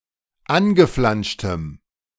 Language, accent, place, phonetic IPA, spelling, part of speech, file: German, Germany, Berlin, [ˈanɡəˌflanʃtəm], angeflanschtem, adjective, De-angeflanschtem.ogg
- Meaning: strong dative masculine/neuter singular of angeflanscht